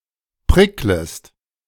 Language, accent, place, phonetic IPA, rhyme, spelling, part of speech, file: German, Germany, Berlin, [ˈpʁɪkləst], -ɪkləst, pricklest, verb, De-pricklest.ogg
- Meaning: second-person singular subjunctive I of prickeln